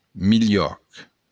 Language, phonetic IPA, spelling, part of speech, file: Occitan, [miˈʎɔk], milhòc, noun, LL-Q35735-milhòc.wav
- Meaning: corn